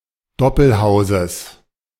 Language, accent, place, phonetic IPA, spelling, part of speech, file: German, Germany, Berlin, [ˈdɔpl̩ˌhaʊ̯zəs], Doppelhauses, noun, De-Doppelhauses.ogg
- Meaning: genitive of Doppelhaus